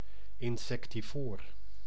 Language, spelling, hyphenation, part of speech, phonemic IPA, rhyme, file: Dutch, insectivoor, in‧sec‧ti‧voor, noun / adjective, /ɪnˌsɛk.tiˈvoːr/, -oːr, Nl-insectivoor.ogg
- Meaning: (noun) insectivore; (adjective) insectivorous